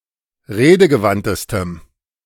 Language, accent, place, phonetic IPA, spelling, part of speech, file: German, Germany, Berlin, [ˈʁeːdəɡəˌvantəstəm], redegewandtestem, adjective, De-redegewandtestem.ogg
- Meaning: strong dative masculine/neuter singular superlative degree of redegewandt